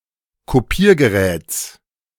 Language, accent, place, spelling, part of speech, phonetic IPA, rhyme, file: German, Germany, Berlin, Kopiergeräts, noun, [koˈpiːɐ̯ɡəˌʁɛːt͡s], -iːɐ̯ɡəʁɛːt͡s, De-Kopiergeräts.ogg
- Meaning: genitive singular of Kopiergerät